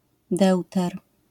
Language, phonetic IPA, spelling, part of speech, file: Polish, [ˈdɛwtɛr], deuter, noun, LL-Q809 (pol)-deuter.wav